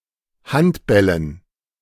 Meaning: dative plural of Handball
- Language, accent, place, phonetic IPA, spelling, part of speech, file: German, Germany, Berlin, [ˈhantˌbɛlən], Handbällen, noun, De-Handbällen.ogg